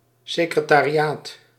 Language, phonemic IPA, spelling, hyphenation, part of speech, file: Dutch, /sɪkrətariˈjat/, secretariaat, se‧cre‧ta‧ri‧aat, noun, Nl-secretariaat.ogg
- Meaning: 1. a central office in any business or institution (or a department thereof), responsible for correspondence, making appointments, and general administrative support 2. secretariat